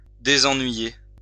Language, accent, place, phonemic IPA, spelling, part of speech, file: French, France, Lyon, /de.zɑ̃.nɥi.je/, désennuyer, verb, LL-Q150 (fra)-désennuyer.wav
- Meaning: to relieve boredom (from)